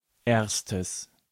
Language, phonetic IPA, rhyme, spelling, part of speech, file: German, [ˈeːɐ̯stəs], -eːɐ̯stəs, erstes, adjective, De-erstes.ogg
- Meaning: strong/mixed nominative/accusative neuter singular of erste